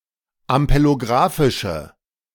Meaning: inflection of ampelografisch: 1. strong/mixed nominative/accusative feminine singular 2. strong nominative/accusative plural 3. weak nominative all-gender singular
- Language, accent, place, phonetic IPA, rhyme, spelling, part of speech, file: German, Germany, Berlin, [ampeloˈɡʁaːfɪʃə], -aːfɪʃə, ampelografische, adjective, De-ampelografische.ogg